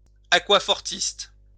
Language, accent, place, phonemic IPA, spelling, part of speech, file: French, France, Lyon, /a.kwa.fɔʁ.tist/, aquafortiste, noun, LL-Q150 (fra)-aquafortiste.wav
- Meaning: etcher